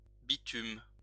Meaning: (noun) 1. bitumen, asphalt, tar 2. street, sidewalk; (verb) inflection of bitumer: 1. first/third-person singular present indicative/subjunctive 2. second-person singular imperative
- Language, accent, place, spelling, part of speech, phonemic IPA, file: French, France, Lyon, bitume, noun / verb, /bi.tym/, LL-Q150 (fra)-bitume.wav